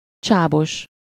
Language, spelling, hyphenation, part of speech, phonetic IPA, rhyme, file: Hungarian, csábos, csá‧bos, adjective, [ˈt͡ʃaːboʃ], -oʃ, Hu-csábos.ogg
- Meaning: tempting, attractive